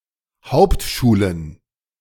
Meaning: plural of Hauptschule
- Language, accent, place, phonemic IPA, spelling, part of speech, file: German, Germany, Berlin, /ˈhaʊ̯ptʃuːlən/, Hauptschulen, noun, De-Hauptschulen.ogg